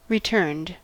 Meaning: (verb) simple past and past participle of return; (adjective) 1. Bent back; angled 2. That has come back 3. Yielded as a return on an investment etc
- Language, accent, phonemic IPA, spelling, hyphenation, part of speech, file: English, US, /ɹɪˈtɝnd/, returned, re‧turned, verb / adjective, En-us-returned.ogg